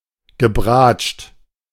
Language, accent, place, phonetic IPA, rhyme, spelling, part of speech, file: German, Germany, Berlin, [ɡəˈbʁaːt͡ʃt], -aːt͡ʃt, gebratscht, verb, De-gebratscht.ogg
- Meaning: past participle of bratschen